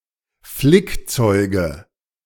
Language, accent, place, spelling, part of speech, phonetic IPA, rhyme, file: German, Germany, Berlin, Flickzeuge, noun, [ˈflɪkˌt͡sɔɪ̯ɡə], -ɪkt͡sɔɪ̯ɡə, De-Flickzeuge.ogg
- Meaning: nominative/accusative/genitive plural of Flickzeug